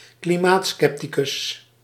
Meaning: climate sceptic
- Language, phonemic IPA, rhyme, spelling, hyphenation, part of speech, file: Dutch, /kliˈmaːtˌskɛptikʏs/, -kʏs, klimaatscepticus, kli‧maat‧scep‧ti‧cus, noun, Nl-klimaatscepticus.ogg